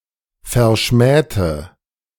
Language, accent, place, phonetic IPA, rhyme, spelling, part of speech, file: German, Germany, Berlin, [fɛɐ̯ˈʃmɛːtə], -ɛːtə, verschmähte, adjective / verb, De-verschmähte.ogg
- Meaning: inflection of verschmähen: 1. first/third-person singular preterite 2. first/third-person singular subjunctive II